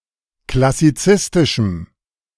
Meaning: strong dative masculine/neuter singular of klassizistisch
- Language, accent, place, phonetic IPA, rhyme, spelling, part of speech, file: German, Germany, Berlin, [klasiˈt͡sɪstɪʃm̩], -ɪstɪʃm̩, klassizistischem, adjective, De-klassizistischem.ogg